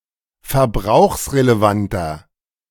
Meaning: inflection of verbrauchsrelevant: 1. strong/mixed nominative masculine singular 2. strong genitive/dative feminine singular 3. strong genitive plural
- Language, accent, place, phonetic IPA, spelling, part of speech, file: German, Germany, Berlin, [fɛɐ̯ˈbʁaʊ̯xsʁeleˌvantɐ], verbrauchsrelevanter, adjective, De-verbrauchsrelevanter.ogg